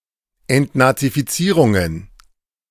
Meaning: plural of Entnazifizierung
- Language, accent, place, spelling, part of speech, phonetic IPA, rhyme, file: German, Germany, Berlin, Entnazifizierungen, noun, [ɛntnat͡sifiˈt͡siːʁʊŋən], -iːʁʊŋən, De-Entnazifizierungen.ogg